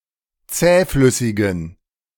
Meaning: inflection of zähflüssig: 1. strong genitive masculine/neuter singular 2. weak/mixed genitive/dative all-gender singular 3. strong/weak/mixed accusative masculine singular 4. strong dative plural
- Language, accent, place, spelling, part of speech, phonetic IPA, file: German, Germany, Berlin, zähflüssigen, adjective, [ˈt͡sɛːˌflʏsɪɡn̩], De-zähflüssigen.ogg